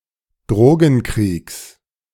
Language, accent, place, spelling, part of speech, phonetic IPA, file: German, Germany, Berlin, Drogenkriegs, noun, [ˈdʁoːɡn̩ˌkʁiːks], De-Drogenkriegs.ogg
- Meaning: genitive singular of Drogenkrieg